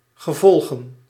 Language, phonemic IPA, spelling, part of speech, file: Dutch, /ɣəˈvɔl.ɣə(n)/, gevolgen, noun, Nl-gevolgen.ogg
- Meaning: plural of gevolg